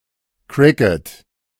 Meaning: cricket
- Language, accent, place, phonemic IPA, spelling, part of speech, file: German, Germany, Berlin, /ˈkʁɪkət/, Cricket, noun, De-Cricket.ogg